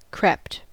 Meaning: simple past and past participle of creep
- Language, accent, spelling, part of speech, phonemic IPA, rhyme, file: English, US, crept, verb, /ˈkɹɛpt/, -ɛpt, En-us-crept.ogg